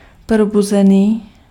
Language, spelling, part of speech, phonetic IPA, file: Czech, probuzený, adjective, [ˈprobuzɛniː], Cs-probuzený.ogg
- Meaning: awake (conscious)